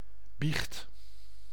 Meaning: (noun) confession; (verb) inflection of biechten: 1. first/second/third-person singular present indicative 2. imperative
- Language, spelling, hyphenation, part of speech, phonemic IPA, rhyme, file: Dutch, biecht, biecht, noun / verb, /bixt/, -ixt, Nl-biecht.ogg